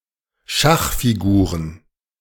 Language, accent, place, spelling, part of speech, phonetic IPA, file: German, Germany, Berlin, Schachfiguren, noun, [ˈʃaxfiˌɡuːʁən], De-Schachfiguren.ogg
- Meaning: plural of Schachfigur